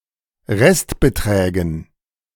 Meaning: dative plural of Restbetrag
- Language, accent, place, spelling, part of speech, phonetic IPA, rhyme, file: German, Germany, Berlin, Restbeträgen, noun, [ˈʁɛstbəˌtʁɛːɡn̩], -ɛstbətʁɛːɡn̩, De-Restbeträgen.ogg